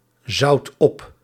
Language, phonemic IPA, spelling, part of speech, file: Dutch, /ˈzɑut ˈɔp/, zout op, verb, Nl-zout op.ogg
- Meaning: inflection of opzouten: 1. first/second/third-person singular present indicative 2. imperative